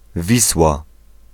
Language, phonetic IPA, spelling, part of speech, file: Polish, [ˈvʲiswa], Wisła, proper noun, Pl-Wisła.ogg